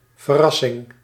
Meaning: 1. cremation 2. incineration, burning to ashes 3. misspelling of verrassing
- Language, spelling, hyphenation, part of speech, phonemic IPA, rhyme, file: Dutch, verassing, ver‧as‧sing, noun, /vərˈɑ.sɪŋ/, -ɑsɪŋ, Nl-verassing.ogg